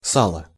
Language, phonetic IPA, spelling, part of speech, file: Russian, [ˈsaɫə], сало, noun, Ru-сало.ogg
- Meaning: 1. suet, fat, lard 2. tallow 3. a lubricant made of minerals or plants 4. icy slush that flows down the river before the river freeze 5. a place in a game of lapta where the ball is hit and thrown